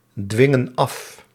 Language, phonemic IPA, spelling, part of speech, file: Dutch, /ˈdwɪŋə(n) ˈɑf/, dwingen af, verb, Nl-dwingen af.ogg
- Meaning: inflection of afdwingen: 1. plural present indicative 2. plural present subjunctive